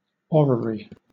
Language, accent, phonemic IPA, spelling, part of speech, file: English, Southern England, /ˈɒɹ.ə.ɹi/, orrery, noun, LL-Q1860 (eng)-orrery.wav
- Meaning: 1. A clockwork model of any given solar system 2. A conceptual model of someone's worldview